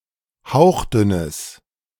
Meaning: strong/mixed nominative/accusative neuter singular of hauchdünn
- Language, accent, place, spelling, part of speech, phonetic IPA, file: German, Germany, Berlin, hauchdünnes, adjective, [ˈhaʊ̯xˌdʏnəs], De-hauchdünnes.ogg